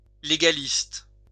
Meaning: legalistic
- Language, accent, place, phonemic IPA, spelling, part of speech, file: French, France, Lyon, /le.ɡa.list/, légaliste, adjective, LL-Q150 (fra)-légaliste.wav